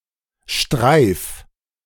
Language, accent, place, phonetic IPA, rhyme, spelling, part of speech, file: German, Germany, Berlin, [ʃtʁaɪ̯f], -aɪ̯f, streif, verb, De-streif.ogg
- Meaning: 1. singular imperative of streifen 2. first-person singular present of streifen